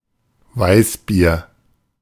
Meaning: 1. weissbier (Bavarian beer made from wheat) 2. one of a variety of other beers, such as Berliner Weiße
- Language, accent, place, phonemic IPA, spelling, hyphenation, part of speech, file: German, Germany, Berlin, /ˈvaɪ̯sˌbiːɐ̯/, Weißbier, Weiß‧bier, noun, De-Weißbier.ogg